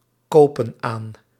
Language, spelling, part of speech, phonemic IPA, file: Dutch, kopen aan, verb, /ˈkopə(n) ˈan/, Nl-kopen aan.ogg
- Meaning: inflection of aankopen: 1. plural present indicative 2. plural present subjunctive